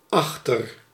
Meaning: 1. behind 2. beyond
- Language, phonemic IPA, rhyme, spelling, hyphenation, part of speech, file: Dutch, /ˈɑxtər/, -ɑxtər, achter, ach‧ter, preposition, Nl-achter.ogg